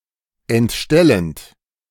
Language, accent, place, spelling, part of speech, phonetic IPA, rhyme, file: German, Germany, Berlin, entstellend, verb, [ɛntˈʃtɛlənt], -ɛlənt, De-entstellend.ogg
- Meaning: present participle of entstellen